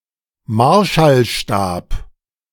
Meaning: baton
- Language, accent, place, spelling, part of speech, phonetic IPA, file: German, Germany, Berlin, Marschallstab, noun, [ˈmaʁʃalˌʃtaːp], De-Marschallstab.ogg